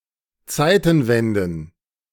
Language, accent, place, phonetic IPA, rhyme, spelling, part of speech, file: German, Germany, Berlin, [ˈt͡saɪ̯tn̩ˌvɛndn̩], -aɪ̯tn̩vɛndn̩, Zeitenwenden, noun, De-Zeitenwenden.ogg
- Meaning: plural of Zeitenwende